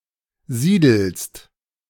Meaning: second-person singular present of siedeln
- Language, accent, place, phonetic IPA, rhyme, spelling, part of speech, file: German, Germany, Berlin, [ˈziːdl̩st], -iːdl̩st, siedelst, verb, De-siedelst.ogg